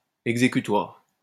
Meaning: enforceable (legally binding)
- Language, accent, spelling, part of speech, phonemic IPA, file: French, France, exécutoire, adjective, /ɛɡ.ze.ky.twaʁ/, LL-Q150 (fra)-exécutoire.wav